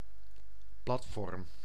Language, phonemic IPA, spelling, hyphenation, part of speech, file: Dutch, /ˈplɑt.fɔrm/, platform, plat‧form, noun, Nl-platform.ogg
- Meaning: 1. a platform, flat surface, notably a dais or stage 2. a political platform, (electoral) program 3. a plateau 4. a flat roof 5. a ground-plan